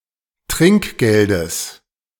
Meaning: genitive singular of Trinkgeld
- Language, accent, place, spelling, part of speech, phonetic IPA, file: German, Germany, Berlin, Trinkgeldes, noun, [ˈtʁɪŋkˌɡeldəs], De-Trinkgeldes.ogg